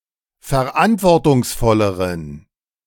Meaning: inflection of verantwortungsvoll: 1. strong genitive masculine/neuter singular comparative degree 2. weak/mixed genitive/dative all-gender singular comparative degree
- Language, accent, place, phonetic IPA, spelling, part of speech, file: German, Germany, Berlin, [fɛɐ̯ˈʔantvɔʁtʊŋsˌfɔləʁən], verantwortungsvolleren, adjective, De-verantwortungsvolleren.ogg